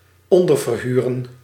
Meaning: to sublet, to sublease
- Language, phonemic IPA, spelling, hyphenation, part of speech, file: Dutch, /ˈɔn.dər.vərˌɦy.rə(n)/, onderverhuren, on‧der‧ver‧hu‧ren, verb, Nl-onderverhuren.ogg